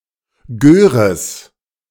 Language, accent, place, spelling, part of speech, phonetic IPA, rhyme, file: German, Germany, Berlin, Göres, noun, [ˈɡøːʁəs], -øːʁəs, De-Göres.ogg
- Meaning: genitive singular of Gör